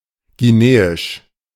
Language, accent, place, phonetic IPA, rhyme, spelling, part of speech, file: German, Germany, Berlin, [ɡiˈneːɪʃ], -eːɪʃ, guineisch, adjective, De-guineisch.ogg
- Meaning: of Guinea; Guinean